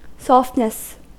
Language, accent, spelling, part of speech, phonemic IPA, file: English, US, softness, noun, /ˈsɔftnəs/, En-us-softness.ogg
- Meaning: The quality of being soft